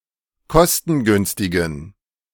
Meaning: inflection of kostengünstig: 1. strong genitive masculine/neuter singular 2. weak/mixed genitive/dative all-gender singular 3. strong/weak/mixed accusative masculine singular 4. strong dative plural
- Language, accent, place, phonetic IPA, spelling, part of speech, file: German, Germany, Berlin, [ˈkɔstn̩ˌɡʏnstɪɡn̩], kostengünstigen, adjective, De-kostengünstigen.ogg